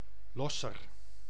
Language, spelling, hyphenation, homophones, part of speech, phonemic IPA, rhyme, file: Dutch, Losser, Los‧ser, losser, proper noun, /ˈlɔ.sər/, -ɔsər, Nl-Losser.ogg
- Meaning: a village and municipality of Overijssel, Netherlands